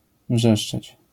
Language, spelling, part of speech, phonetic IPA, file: Polish, wrzeszczeć, verb, [ˈvʒɛʃt͡ʃɛt͡ɕ], LL-Q809 (pol)-wrzeszczeć.wav